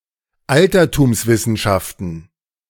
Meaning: plural of Altertumswissenschaft
- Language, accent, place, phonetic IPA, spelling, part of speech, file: German, Germany, Berlin, [ˈaltɐtuːmsˌvɪsn̩ʃaftn̩], Altertumswissenschaften, noun, De-Altertumswissenschaften.ogg